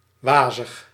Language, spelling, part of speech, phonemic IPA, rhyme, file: Dutch, wazig, adjective, /ˈʋaː.zəx/, -aːzəx, Nl-wazig.ogg
- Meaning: bleary, blurry, fuzzy